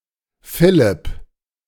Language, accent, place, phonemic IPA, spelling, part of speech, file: German, Germany, Berlin, /ˈfɪlɪp/, Philipp, proper noun, De-Philipp.ogg
- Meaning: a male given name, equivalent to English Philip